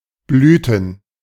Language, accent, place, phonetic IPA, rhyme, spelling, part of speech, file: German, Germany, Berlin, [ˈblyːtn̩], -yːtn̩, Blüten, noun, De-Blüten.ogg
- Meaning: plural of Blüte